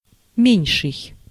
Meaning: comparative degree of ма́лый (mályj) and ма́ленький (málenʹkij): smaller, lesser, smallest, least
- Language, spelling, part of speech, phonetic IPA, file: Russian, меньший, adjective, [ˈmʲenʲʂɨj], Ru-меньший.ogg